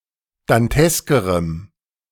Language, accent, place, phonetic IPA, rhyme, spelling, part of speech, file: German, Germany, Berlin, [danˈtɛskəʁəm], -ɛskəʁəm, danteskerem, adjective, De-danteskerem.ogg
- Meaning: strong dative masculine/neuter singular comparative degree of dantesk